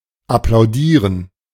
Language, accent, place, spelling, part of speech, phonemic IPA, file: German, Germany, Berlin, applaudieren, verb, /aplaʊ̯ˈdiːʁən/, De-applaudieren.ogg
- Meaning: to applaud